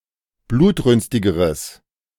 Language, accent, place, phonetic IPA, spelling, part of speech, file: German, Germany, Berlin, [ˈbluːtˌʁʏnstɪɡəʁəs], blutrünstigeres, adjective, De-blutrünstigeres.ogg
- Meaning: strong/mixed nominative/accusative neuter singular comparative degree of blutrünstig